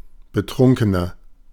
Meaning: 1. comparative degree of betrunken 2. inflection of betrunken: strong/mixed nominative masculine singular 3. inflection of betrunken: strong genitive/dative feminine singular
- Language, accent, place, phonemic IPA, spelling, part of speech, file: German, Germany, Berlin, /bəˈtʁʊŋkənɐ/, betrunkener, adjective, De-betrunkener.ogg